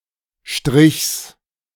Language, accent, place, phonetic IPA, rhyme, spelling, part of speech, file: German, Germany, Berlin, [ʃtʁɪçs], -ɪçs, Strichs, noun, De-Strichs.ogg
- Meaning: genitive singular of Strich